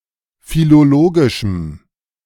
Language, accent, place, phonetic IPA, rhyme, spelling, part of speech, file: German, Germany, Berlin, [filoˈloːɡɪʃm̩], -oːɡɪʃm̩, philologischem, adjective, De-philologischem.ogg
- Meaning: strong dative masculine/neuter singular of philologisch